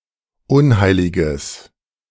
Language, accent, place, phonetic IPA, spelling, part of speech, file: German, Germany, Berlin, [ˈʊnˌhaɪ̯lɪɡəs], unheiliges, adjective, De-unheiliges.ogg
- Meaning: strong/mixed nominative/accusative neuter singular of unheilig